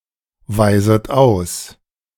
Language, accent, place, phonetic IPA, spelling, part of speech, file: German, Germany, Berlin, [ˌvaɪ̯zət ˈaʊ̯s], weiset aus, verb, De-weiset aus.ogg
- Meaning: second-person plural subjunctive I of ausweisen